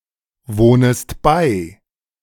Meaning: second-person singular subjunctive I of beiwohnen
- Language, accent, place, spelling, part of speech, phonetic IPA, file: German, Germany, Berlin, wohnest bei, verb, [ˌvoːnəst ˈbaɪ̯], De-wohnest bei.ogg